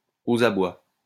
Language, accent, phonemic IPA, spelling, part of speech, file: French, France, /o.z‿a.bwa/, aux abois, adjective, LL-Q150 (fra)-aux abois.wav
- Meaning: 1. cornered 2. extremely alarmed, usually from being cornered or at wits' end